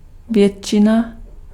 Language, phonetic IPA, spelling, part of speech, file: Czech, [ˈvjɛtʃɪna], většina, noun, Cs-většina.ogg
- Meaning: majority